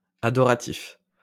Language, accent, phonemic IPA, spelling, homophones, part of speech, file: French, France, /a.dɔ.ʁa.tif/, adoratif, adoratifs, adjective, LL-Q150 (fra)-adoratif.wav
- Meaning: adorative